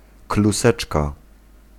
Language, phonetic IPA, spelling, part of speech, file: Polish, [kluˈsɛt͡ʃka], kluseczka, noun, Pl-kluseczka.ogg